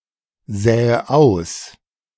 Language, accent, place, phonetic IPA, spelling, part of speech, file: German, Germany, Berlin, [ˌzɛːə ˈaʊ̯s], säe aus, verb, De-säe aus.ogg
- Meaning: inflection of aussäen: 1. first-person singular present 2. first/third-person singular subjunctive I 3. singular imperative